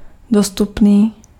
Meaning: available
- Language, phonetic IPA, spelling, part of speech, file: Czech, [ˈdostupniː], dostupný, adjective, Cs-dostupný.ogg